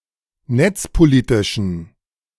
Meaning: inflection of netzpolitisch: 1. strong genitive masculine/neuter singular 2. weak/mixed genitive/dative all-gender singular 3. strong/weak/mixed accusative masculine singular 4. strong dative plural
- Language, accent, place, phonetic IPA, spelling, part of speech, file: German, Germany, Berlin, [ˈnɛt͡spoˌliːtɪʃn̩], netzpolitischen, adjective, De-netzpolitischen.ogg